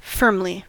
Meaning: 1. In a firm or definite or strong manner 2. Securely 3. Definitively
- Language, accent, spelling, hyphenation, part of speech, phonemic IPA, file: English, US, firmly, firm‧ly, adverb, /ˈfɝmli/, En-us-firmly.ogg